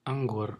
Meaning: grape
- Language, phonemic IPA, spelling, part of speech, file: Brunei, /aŋ.ɡur/, anggur, noun, Kxd-anggur.ogg